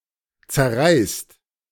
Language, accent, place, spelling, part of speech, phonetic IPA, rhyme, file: German, Germany, Berlin, zerreißt, verb, [t͡sɛɐ̯ˈʁaɪ̯st], -aɪ̯st, De-zerreißt.ogg
- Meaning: inflection of zerreißen: 1. second-person plural present 2. plural imperative